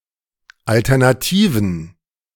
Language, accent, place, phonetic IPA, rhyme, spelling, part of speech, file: German, Germany, Berlin, [ˌaltɛʁnaˈtiːvn̩], -iːvn̩, Alternativen, noun, De-Alternativen.ogg
- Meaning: plural of Alternative